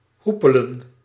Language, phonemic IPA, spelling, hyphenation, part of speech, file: Dutch, /ˈɦu.pə.lə(n)/, hoepelen, hoe‧pe‧len, verb, Nl-hoepelen.ogg
- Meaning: 1. to roll hoops 2. to hula hoop 3. to go away, to get lost (more commonly in derived expressions)